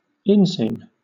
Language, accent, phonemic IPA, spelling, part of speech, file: English, Southern England, /ˈɪnsiːm/, inseam, noun, LL-Q1860 (eng)-inseam.wav
- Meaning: The seam of a trouser up the inside of the leg